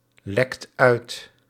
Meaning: inflection of uitlekken: 1. second/third-person singular present indicative 2. plural imperative
- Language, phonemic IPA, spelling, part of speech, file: Dutch, /ˈlɛkt ˈœyt/, lekt uit, verb, Nl-lekt uit.ogg